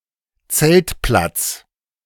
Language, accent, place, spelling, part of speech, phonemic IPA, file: German, Germany, Berlin, Zeltplatz, noun, /ˈt͡sɛltˌplat͡s/, De-Zeltplatz.ogg
- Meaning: campsite, campground